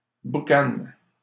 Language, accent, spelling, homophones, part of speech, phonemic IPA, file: French, Canada, boucane, boucanent / boucanes, noun / verb, /bu.kan/, LL-Q150 (fra)-boucane.wav
- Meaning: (noun) 1. smoke 2. steam; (verb) inflection of boucaner: 1. first/third-person singular present indicative/subjunctive 2. second-person singular imperative